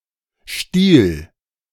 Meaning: singular imperative of stehlen
- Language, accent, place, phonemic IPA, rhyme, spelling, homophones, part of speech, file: German, Germany, Berlin, /ʃtiːl/, -iːl, stiehl, Stiel / Stil, verb, De-stiehl.ogg